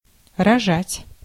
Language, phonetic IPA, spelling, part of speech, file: Russian, [rɐˈʐatʲ], рожать, verb, Ru-рожать.ogg
- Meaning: to give birth, to bear